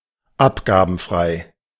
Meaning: duty-free, tax-free
- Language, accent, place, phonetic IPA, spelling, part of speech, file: German, Germany, Berlin, [ˈapɡaːbn̩ˌfʁaɪ̯], abgabenfrei, adjective, De-abgabenfrei.ogg